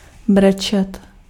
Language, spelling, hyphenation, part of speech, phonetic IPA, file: Czech, brečet, bre‧čet, verb, [ˈbrɛt͡ʃɛt], Cs-brečet.ogg
- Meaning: to cry, to weep